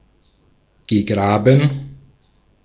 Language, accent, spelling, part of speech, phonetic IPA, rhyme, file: German, Austria, gegraben, verb, [ɡəˈɡʁaːbn̩], -aːbn̩, De-at-gegraben.ogg
- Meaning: past participle of graben